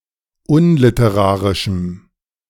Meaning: strong dative masculine/neuter singular of unliterarisch
- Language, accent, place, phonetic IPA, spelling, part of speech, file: German, Germany, Berlin, [ˈʊnlɪtəˌʁaːʁɪʃm̩], unliterarischem, adjective, De-unliterarischem.ogg